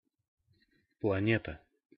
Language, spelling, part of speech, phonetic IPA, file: Russian, планета, noun, [pɫɐˈnʲetə], Ru-планета.ogg
- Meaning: planet